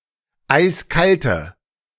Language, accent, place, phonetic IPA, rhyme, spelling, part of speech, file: German, Germany, Berlin, [ˈaɪ̯sˈkaltə], -altə, eiskalte, adjective, De-eiskalte.ogg
- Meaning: inflection of eiskalt: 1. strong/mixed nominative/accusative feminine singular 2. strong nominative/accusative plural 3. weak nominative all-gender singular 4. weak accusative feminine/neuter singular